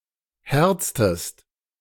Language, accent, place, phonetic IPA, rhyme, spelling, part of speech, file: German, Germany, Berlin, [ˈhɛʁt͡stəst], -ɛʁt͡stəst, herztest, verb, De-herztest.ogg
- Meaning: inflection of herzen: 1. second-person singular preterite 2. second-person singular subjunctive II